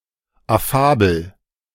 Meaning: affable
- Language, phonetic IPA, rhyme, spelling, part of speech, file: German, [aˈfaːbl̩], -aːbl̩, affabel, adjective, De-affabel.oga